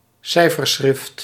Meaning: 1. an encrypted message 2. a method or key for encrypting messages
- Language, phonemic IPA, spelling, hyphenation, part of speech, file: Dutch, /ˈsɛi̯.fərˌsxrɪft/, cijferschrift, cij‧fer‧schrift, noun, Nl-cijferschrift.ogg